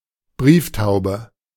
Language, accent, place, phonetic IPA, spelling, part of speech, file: German, Germany, Berlin, [ˈbʁiːfˌtaʊ̯bə], Brieftaube, noun, De-Brieftaube.ogg
- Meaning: a homing pigeon (racing pigeon, homer) is a breed or variety of domestic pigeon with a strong homing instinct that is used as a message courier or in the sport of pigeon racing